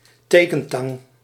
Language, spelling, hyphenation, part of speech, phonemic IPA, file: Dutch, tekentang, te‧ken‧tang, noun, /ˈteː.kə(n)ˌtɑŋ/, Nl-tekentang.ogg
- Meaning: a pair of tick tweezers, a tick remover